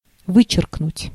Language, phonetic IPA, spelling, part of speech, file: Russian, [ˈvɨt͡ɕɪrknʊtʲ], вычеркнуть, verb, Ru-вычеркнуть.ogg
- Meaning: to cross out, to strike out, to cut out, to expunge, to delete